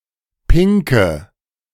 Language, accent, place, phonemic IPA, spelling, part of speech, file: German, Germany, Berlin, /ˈpɪŋkə/, Pinke, noun, De-Pinke.ogg
- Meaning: money